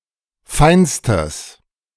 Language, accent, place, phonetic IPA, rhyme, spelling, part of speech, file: German, Germany, Berlin, [ˈfaɪ̯nstəs], -aɪ̯nstəs, feinstes, adjective, De-feinstes.ogg
- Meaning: strong/mixed nominative/accusative neuter singular superlative degree of fein